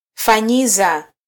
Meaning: Causative form of -fanya: to make, fix
- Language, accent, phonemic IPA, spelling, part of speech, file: Swahili, Kenya, /fɑˈɲi.zɑ/, fanyiza, verb, Sw-ke-fanyiza.flac